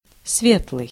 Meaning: 1. light (having light), bright 2. jolly
- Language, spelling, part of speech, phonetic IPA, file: Russian, светлый, adjective, [ˈsvʲetɫɨj], Ru-светлый.ogg